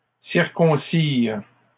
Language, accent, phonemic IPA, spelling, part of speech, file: French, Canada, /siʁ.kɔ̃.siʁ/, circoncirent, verb, LL-Q150 (fra)-circoncirent.wav
- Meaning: third-person plural past historic of circoncire